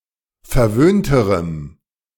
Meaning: strong dative masculine/neuter singular comparative degree of verwöhnt
- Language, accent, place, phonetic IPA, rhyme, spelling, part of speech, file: German, Germany, Berlin, [fɛɐ̯ˈvøːntəʁəm], -øːntəʁəm, verwöhnterem, adjective, De-verwöhnterem.ogg